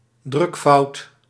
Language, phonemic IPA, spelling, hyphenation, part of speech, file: Dutch, /ˈdrʏk.fɑu̯t/, drukfout, druk‧fout, noun, Nl-drukfout.ogg
- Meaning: printing error